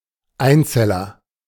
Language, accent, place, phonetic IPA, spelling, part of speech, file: German, Germany, Berlin, [ˈaɪ̯nˌt͡sɛlɐ], Einzeller, noun, De-Einzeller.ogg
- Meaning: monad, protozoon, unicell, unicellular organism